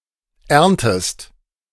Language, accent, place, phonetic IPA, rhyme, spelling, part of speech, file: German, Germany, Berlin, [ˈɛʁntəst], -ɛʁntəst, erntest, verb, De-erntest.ogg
- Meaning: inflection of ernten: 1. second-person singular present 2. second-person singular subjunctive I